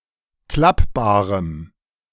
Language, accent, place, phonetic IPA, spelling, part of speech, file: German, Germany, Berlin, [ˈklapbaːʁəm], klappbarem, adjective, De-klappbarem.ogg
- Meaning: strong dative masculine/neuter singular of klappbar